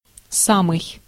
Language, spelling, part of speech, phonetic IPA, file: Russian, самый, pronoun, [ˈsamɨj], Ru-самый.ogg
- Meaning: 1. the very 2. the most (superlative degree)